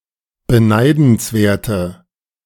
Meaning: inflection of beneidenswert: 1. strong/mixed nominative/accusative feminine singular 2. strong nominative/accusative plural 3. weak nominative all-gender singular
- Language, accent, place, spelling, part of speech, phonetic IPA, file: German, Germany, Berlin, beneidenswerte, adjective, [bəˈnaɪ̯dn̩sˌveːɐ̯tə], De-beneidenswerte.ogg